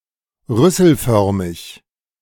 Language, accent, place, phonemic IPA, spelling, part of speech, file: German, Germany, Berlin, /ˈʁʏsl̩ˌfœʁmɪç/, rüsselförmig, adjective, De-rüsselförmig.ogg
- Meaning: snoutlike